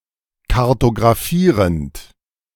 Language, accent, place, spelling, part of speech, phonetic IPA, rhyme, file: German, Germany, Berlin, kartographierend, verb, [kaʁtoɡʁaˈfiːʁənt], -iːʁənt, De-kartographierend.ogg
- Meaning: present participle of kartographieren